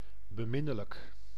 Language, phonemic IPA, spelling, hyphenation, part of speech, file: Dutch, /bəˈmɪ.nə.lək/, beminnelijk, be‧min‧ne‧lijk, adjective, Nl-beminnelijk.ogg
- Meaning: 1. lovely, with love 2. warmly